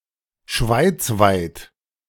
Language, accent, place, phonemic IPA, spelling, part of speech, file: German, Germany, Berlin, /ˈʃvaɪ̯t͡svaɪ̯t/, schweizweit, adjective, De-schweizweit.ogg
- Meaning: Swiss-wide (throughout Switzerland)